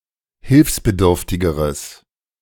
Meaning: strong/mixed nominative/accusative neuter singular comparative degree of hilfsbedürftig
- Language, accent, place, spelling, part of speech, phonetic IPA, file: German, Germany, Berlin, hilfsbedürftigeres, adjective, [ˈhɪlfsbəˌdʏʁftɪɡəʁəs], De-hilfsbedürftigeres.ogg